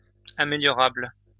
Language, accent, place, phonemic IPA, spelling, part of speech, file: French, France, Lyon, /a.me.ljɔ.ʁabl/, améliorable, adjective, LL-Q150 (fra)-améliorable.wav
- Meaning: improvable (able to be improved)